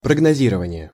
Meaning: forecasting, prognostication
- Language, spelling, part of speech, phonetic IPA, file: Russian, прогнозирование, noun, [prəɡnɐˈzʲirəvənʲɪje], Ru-прогнозирование.ogg